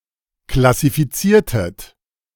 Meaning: inflection of klassifizieren: 1. second-person plural preterite 2. second-person plural subjunctive II
- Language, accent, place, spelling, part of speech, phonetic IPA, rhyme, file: German, Germany, Berlin, klassifiziertet, verb, [klasifiˈt͡siːɐ̯tət], -iːɐ̯tət, De-klassifiziertet.ogg